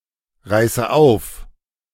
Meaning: inflection of aufreißen: 1. first-person singular present 2. first/third-person singular subjunctive I 3. singular imperative
- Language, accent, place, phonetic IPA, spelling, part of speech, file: German, Germany, Berlin, [ˌʁaɪ̯sə ˈaʊ̯f], reiße auf, verb, De-reiße auf.ogg